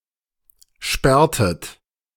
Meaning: inflection of sperren: 1. second-person plural preterite 2. second-person plural subjunctive II
- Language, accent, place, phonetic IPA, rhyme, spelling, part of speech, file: German, Germany, Berlin, [ˈʃpɛʁtət], -ɛʁtət, sperrtet, verb, De-sperrtet.ogg